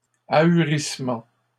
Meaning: stupefaction
- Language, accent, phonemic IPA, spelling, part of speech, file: French, Canada, /a.y.ʁis.mɑ̃/, ahurissement, noun, LL-Q150 (fra)-ahurissement.wav